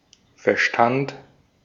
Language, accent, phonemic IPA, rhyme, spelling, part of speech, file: German, Austria, /fɛɐ̯ˈʃtant/, -ant, Verstand, noun, De-at-Verstand.ogg
- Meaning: 1. intellect 2. accord, consensus 3. sense, particular understanding or concept thought agreed upon